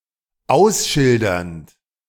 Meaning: present participle of ausschildern
- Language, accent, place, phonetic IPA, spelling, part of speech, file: German, Germany, Berlin, [ˈaʊ̯sˌʃɪldɐnt], ausschildernd, verb, De-ausschildernd.ogg